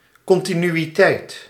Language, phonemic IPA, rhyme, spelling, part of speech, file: Dutch, /ˌkɔn.ti.ny.iˈtɛi̯t/, -ɛi̯t, continuïteit, noun, Nl-continuïteit.ogg
- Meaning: continuity